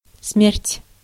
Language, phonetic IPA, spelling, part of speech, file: Russian, [smʲertʲ], смерть, noun / adverb, Ru-смерть.ogg
- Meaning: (noun) 1. death 2. Death 3. an ugly woman, a hag 4. rags; ugly, shabby things (usually of clothing); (adverb) dying to, dying for